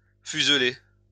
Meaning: to give the shape of a spindle
- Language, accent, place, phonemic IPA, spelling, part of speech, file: French, France, Lyon, /fyz.le/, fuseler, verb, LL-Q150 (fra)-fuseler.wav